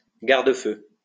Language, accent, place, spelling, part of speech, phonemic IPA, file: French, France, Lyon, garde-feu, noun, /ɡaʁ.d(ə).fø/, LL-Q150 (fra)-garde-feu.wav
- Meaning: 1. firescreen 2. firebreak